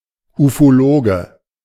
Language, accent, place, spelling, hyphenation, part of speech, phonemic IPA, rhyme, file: German, Germany, Berlin, Ufologe, Ufo‧lo‧ge, noun, /ufoˈloːɡə/, -oːɡə, De-Ufologe.ogg
- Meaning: ufologist (male or of unspecified gender)